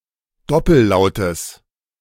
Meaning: genitive singular of Doppellaut
- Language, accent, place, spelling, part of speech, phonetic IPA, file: German, Germany, Berlin, Doppellautes, noun, [ˈdɔpl̩ˌlaʊ̯təs], De-Doppellautes.ogg